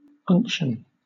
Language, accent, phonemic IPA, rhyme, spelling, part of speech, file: English, Southern England, /ˈʌŋk.ʃən/, -ʌŋkʃən, unction, noun, LL-Q1860 (eng)-unction.wav
- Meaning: 1. An ointment or salve 2. A religious or ceremonial anointing 3. A balm or something that soothes 4. A quality in language, address or delivery which expresses sober and fervent emotion